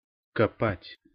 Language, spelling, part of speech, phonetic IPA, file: Russian, копать, verb, [kɐˈpatʲ], Ru-копать.ogg
- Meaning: 1. to dig 2. to dig up, to dig out